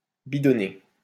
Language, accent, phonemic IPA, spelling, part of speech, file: French, France, /bi.dɔ.ne/, bidonner, verb, LL-Q150 (fra)-bidonner.wav
- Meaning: 1. to fabricate, to make up (a story) 2. to laugh a lot